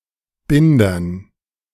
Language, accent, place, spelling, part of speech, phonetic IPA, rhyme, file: German, Germany, Berlin, Bindern, noun, [ˈbɪndɐn], -ɪndɐn, De-Bindern.ogg
- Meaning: dative plural of Binder